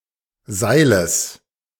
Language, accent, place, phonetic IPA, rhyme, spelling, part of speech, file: German, Germany, Berlin, [ˈzaɪ̯ləs], -aɪ̯ləs, Seiles, noun, De-Seiles.ogg
- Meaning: genitive singular of Seil